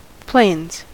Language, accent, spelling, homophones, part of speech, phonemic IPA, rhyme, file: English, US, plains, planes, noun / verb, /pleɪnz/, -eɪnz, En-us-plains.ogg
- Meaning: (noun) plural of plain; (verb) third-person singular simple present indicative of plain